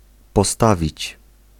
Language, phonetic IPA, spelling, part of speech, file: Polish, [pɔˈstavʲit͡ɕ], postawić, verb, Pl-postawić.ogg